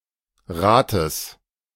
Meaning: genitive singular of Rat
- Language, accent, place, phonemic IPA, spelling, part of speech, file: German, Germany, Berlin, /ˈʁaːtəs/, Rates, noun, De-Rates.ogg